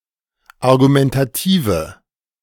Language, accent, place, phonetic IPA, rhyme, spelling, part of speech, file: German, Germany, Berlin, [aʁɡumɛntaˈtiːvə], -iːvə, argumentative, adjective, De-argumentative.ogg
- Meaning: inflection of argumentativ: 1. strong/mixed nominative/accusative feminine singular 2. strong nominative/accusative plural 3. weak nominative all-gender singular